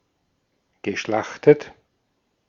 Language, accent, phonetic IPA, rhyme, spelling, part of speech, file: German, Austria, [ɡəˈʃlaxtət], -axtət, geschlachtet, adjective / verb, De-at-geschlachtet.ogg
- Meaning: past participle of schlachten